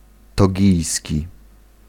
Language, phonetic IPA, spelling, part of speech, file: Polish, [tɔˈɟijsʲci], togijski, adjective, Pl-togijski.ogg